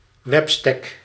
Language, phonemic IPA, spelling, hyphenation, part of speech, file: Dutch, /ˈʋɛp.stɛk/, webstek, web‧stek, noun, Nl-webstek.ogg
- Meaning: website, now especially a personal website